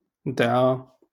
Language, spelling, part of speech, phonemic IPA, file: Moroccan Arabic, دعا, verb, /dʕa/, LL-Q56426 (ary)-دعا.wav
- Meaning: 1. to call upon God, to pray 2. to call upon God, to pray: to curse 3. to sue (to file a legal action)